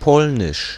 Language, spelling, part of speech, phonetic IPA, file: German, Polnisch, proper noun, [ˈpɔlnɪʃ], De-Polnisch.ogg
- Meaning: the Polish language